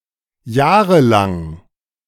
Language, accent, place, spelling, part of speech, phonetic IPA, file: German, Germany, Berlin, jahrelang, adjective, [ˈjaːʁəˌlaŋ], De-jahrelang.ogg
- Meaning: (adjective) 1. longstanding 2. yearslong; lasting for years; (adverb) for years, in years